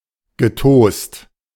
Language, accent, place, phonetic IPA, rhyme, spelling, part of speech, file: German, Germany, Berlin, [ɡəˈtoːst], -oːst, getost, verb, De-getost.ogg
- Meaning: past participle of tosen